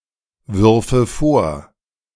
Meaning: first/third-person singular subjunctive II of vorwerfen
- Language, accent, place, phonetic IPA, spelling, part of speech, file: German, Germany, Berlin, [ˌvʏʁfə ˈfoːɐ̯], würfe vor, verb, De-würfe vor.ogg